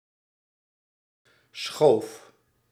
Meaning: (noun) sheaf; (verb) singular past indicative of schuiven
- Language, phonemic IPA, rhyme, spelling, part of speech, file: Dutch, /sxoːf/, -oːf, schoof, noun / verb, Nl-schoof.ogg